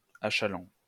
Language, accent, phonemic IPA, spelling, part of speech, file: French, France, /a.ʃa.lɑ̃/, achalant, verb, LL-Q150 (fra)-achalant.wav
- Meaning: present participle of achaler